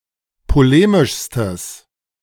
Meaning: strong/mixed nominative/accusative neuter singular superlative degree of polemisch
- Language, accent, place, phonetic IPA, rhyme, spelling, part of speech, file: German, Germany, Berlin, [poˈleːmɪʃstəs], -eːmɪʃstəs, polemischstes, adjective, De-polemischstes.ogg